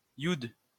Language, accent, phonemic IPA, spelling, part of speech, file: French, France, /jud/, youd, noun, LL-Q150 (fra)-youd.wav
- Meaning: 1. yodh 2. yid